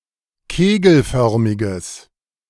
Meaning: strong/mixed nominative/accusative neuter singular of kegelförmig
- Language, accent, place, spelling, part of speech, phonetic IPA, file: German, Germany, Berlin, kegelförmiges, adjective, [ˈkeːɡl̩ˌfœʁmɪɡəs], De-kegelförmiges.ogg